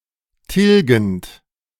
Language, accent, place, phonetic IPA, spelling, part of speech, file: German, Germany, Berlin, [ˈtɪlɡn̩t], tilgend, verb, De-tilgend.ogg
- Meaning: present participle of tilgen